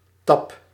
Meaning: tap
- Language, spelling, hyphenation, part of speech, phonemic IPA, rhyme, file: Dutch, tap, tap, noun, /tɑp/, -ɑp, Nl-tap.ogg